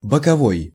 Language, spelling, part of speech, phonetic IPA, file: Russian, боковой, adjective, [bəkɐˈvoj], Ru-боковой.ogg
- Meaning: side, flank; lateral